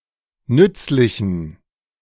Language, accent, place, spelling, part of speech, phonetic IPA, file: German, Germany, Berlin, nützlichen, adjective, [ˈnʏt͡slɪçn̩], De-nützlichen.ogg
- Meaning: inflection of nützlich: 1. strong genitive masculine/neuter singular 2. weak/mixed genitive/dative all-gender singular 3. strong/weak/mixed accusative masculine singular 4. strong dative plural